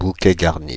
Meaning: bouquet garni
- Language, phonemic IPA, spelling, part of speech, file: French, /bu.kɛ ɡaʁ.ni/, bouquet garni, noun, Fr-bouquet garni.ogg